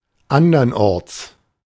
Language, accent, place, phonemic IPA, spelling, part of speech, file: German, Germany, Berlin, /ˈandɐnˌ(ʔ)ɔʁts/, andernorts, adverb, De-andernorts.ogg
- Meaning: elsewhere